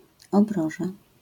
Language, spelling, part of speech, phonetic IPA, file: Polish, obroża, noun, [ɔbˈrɔʒa], LL-Q809 (pol)-obroża.wav